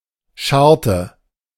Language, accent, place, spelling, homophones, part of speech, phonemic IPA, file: German, Germany, Berlin, Scharte, scharrte, noun, /ˈʃaʁtə/, De-Scharte.ogg
- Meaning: 1. notch, cut, cleft 2. embrasure 3. a cut, defect in a blade 4. saw-wort (Serratula gen. et spp.)